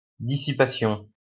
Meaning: clearing, dissipation, disappearance
- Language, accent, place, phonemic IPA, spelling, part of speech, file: French, France, Lyon, /di.si.pa.sjɔ̃/, dissipation, noun, LL-Q150 (fra)-dissipation.wav